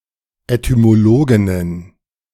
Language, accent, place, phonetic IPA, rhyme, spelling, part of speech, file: German, Germany, Berlin, [etymoˈloːɡɪnən], -oːɡɪnən, Etymologinnen, noun, De-Etymologinnen.ogg
- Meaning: plural of Etymologin